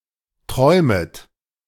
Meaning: second-person plural subjunctive I of träumen
- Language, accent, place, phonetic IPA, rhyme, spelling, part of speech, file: German, Germany, Berlin, [ˈtʁɔɪ̯mət], -ɔɪ̯mət, träumet, verb, De-träumet.ogg